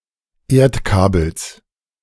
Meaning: genitive singular of Erdkabel
- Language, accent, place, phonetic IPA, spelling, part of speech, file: German, Germany, Berlin, [ˈeːɐ̯tˌkaːbl̩s], Erdkabels, noun, De-Erdkabels.ogg